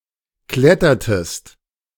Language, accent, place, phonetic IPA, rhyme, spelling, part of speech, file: German, Germany, Berlin, [ˈklɛtɐtəst], -ɛtɐtəst, klettertest, verb, De-klettertest.ogg
- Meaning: inflection of klettern: 1. second-person singular preterite 2. second-person singular subjunctive II